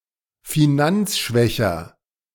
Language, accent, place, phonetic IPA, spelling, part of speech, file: German, Germany, Berlin, [fiˈnant͡sˌʃvɛçɐ], finanzschwächer, adjective, De-finanzschwächer.ogg
- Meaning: comparative degree of finanzschwach